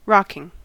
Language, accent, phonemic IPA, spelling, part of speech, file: English, US, /ˈɹɑkɪŋ/, rocking, adjective / verb / noun, En-us-rocking.ogg
- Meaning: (adjective) 1. Shaking, swaying or moving back and forth 2. Excellent; great; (verb) present participle and gerund of rock; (noun) The motion of something that rocks